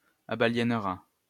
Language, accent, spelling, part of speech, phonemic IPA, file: French, France, abaliénera, verb, /a.ba.ljɛn.ʁa/, LL-Q150 (fra)-abaliénera.wav
- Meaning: third-person singular simple future of abaliéner